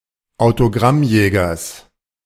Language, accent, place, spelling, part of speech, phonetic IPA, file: German, Germany, Berlin, Autogrammjägers, noun, [aʊ̯toˈɡʁamˌjɛːɡɐs], De-Autogrammjägers.ogg
- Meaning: genitive singular of Autogrammjäger